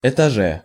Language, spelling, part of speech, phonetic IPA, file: Russian, этаже, noun, [ɪtɐˈʐɛ], Ru-этаже.ogg
- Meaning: prepositional singular of эта́ж (etáž)